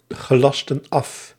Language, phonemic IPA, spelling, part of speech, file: Dutch, /ɣəˈlɑstə(n) ˈɑf/, gelastten af, verb, Nl-gelastten af.ogg
- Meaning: inflection of afgelasten: 1. plural past indicative 2. plural past subjunctive